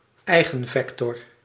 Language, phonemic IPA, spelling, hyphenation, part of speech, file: Dutch, /ˈɛi̯.ɣənˌvɛk.tɔr/, eigenvector, ei‧gen‧vec‧tor, noun, Nl-eigenvector.ogg
- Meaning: eigenvector